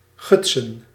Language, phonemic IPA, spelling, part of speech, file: Dutch, /ˈɣʏt.sə(n)/, gutsen, verb / noun, Nl-gutsen.ogg
- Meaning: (verb) 1. to gouge 2. to gush, (especially precipitation) pour down, flow strongly irregularly; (noun) plural of guts